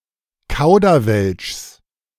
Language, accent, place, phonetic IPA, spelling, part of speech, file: German, Germany, Berlin, [ˈkaʊ̯dɐˌvɛlʃs], Kauderwelschs, noun, De-Kauderwelschs.ogg
- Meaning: genitive singular of Kauderwelsch